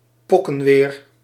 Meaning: nasty weather, terrible weather
- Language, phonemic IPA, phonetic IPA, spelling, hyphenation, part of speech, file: Dutch, /ˈpɔ.kəˌʋeːr/, [ˈpɔ.kəˌʋɪːr], pokkenweer, pok‧ken‧weer, noun, Nl-pokkenweer.ogg